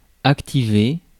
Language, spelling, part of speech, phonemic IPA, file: French, activer, verb, /ak.ti.ve/, Fr-activer.ogg
- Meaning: 1. to activate (to encourage development or induce increased activity; to stimulate) 2. to activate (to put a device, mechanism or system into action or motion; to enable)